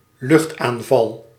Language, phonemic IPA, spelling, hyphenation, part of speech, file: Dutch, /ˈlʏxt.aːnˌvɑl/, luchtaanval, lucht‧aan‧val, noun, Nl-luchtaanval.ogg
- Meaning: aerial attack, aerial strike